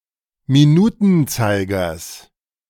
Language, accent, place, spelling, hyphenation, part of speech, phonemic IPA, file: German, Germany, Berlin, Minutenzeigers, Mi‧nu‧ten‧zei‧gers, noun, /miˈnuːtənˌtsaɪ̯ɡɐs/, De-Minutenzeigers.ogg
- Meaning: genitive singular of Minutenzeiger